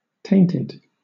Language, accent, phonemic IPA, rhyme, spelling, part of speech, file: English, Southern England, /ˈteɪntɪd/, -eɪntɪd, tainted, adjective / verb, LL-Q1860 (eng)-tainted.wav
- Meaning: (adjective) 1. Corrupted or filled with imperfections 2. Originating from an untrusted source; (verb) simple past and past participle of taint